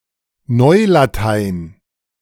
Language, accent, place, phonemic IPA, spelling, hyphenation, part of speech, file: German, Germany, Berlin, /ˈnɔɪ̯laˌtaɪ̯n/, Neulatein, Neu‧la‧tein, proper noun, De-Neulatein.ogg
- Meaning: New Latin